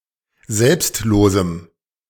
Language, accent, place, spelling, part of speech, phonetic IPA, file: German, Germany, Berlin, selbstlosem, adjective, [ˈzɛlpstˌloːzm̩], De-selbstlosem.ogg
- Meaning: strong dative masculine/neuter singular of selbstlos